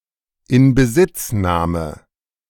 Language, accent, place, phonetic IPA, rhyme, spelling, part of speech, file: German, Germany, Berlin, [ɪnbəˈzɪt͡sˌnaːmə], -ɪt͡snaːmə, Inbesitznahme, noun, De-Inbesitznahme.ogg
- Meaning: seizure, occupation (of an aircraft, a city, etc)